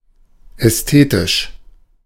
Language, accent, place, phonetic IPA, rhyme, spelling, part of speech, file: German, Germany, Berlin, [ˌɛsˈteːtɪʃ], -eːtɪʃ, ästhetisch, adjective, De-ästhetisch.ogg
- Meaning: aesthetic